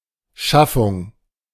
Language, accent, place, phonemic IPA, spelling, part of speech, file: German, Germany, Berlin, /ˈʃafʊŋ/, Schaffung, noun, De-Schaffung.ogg
- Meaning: creation, generation, establishment, origin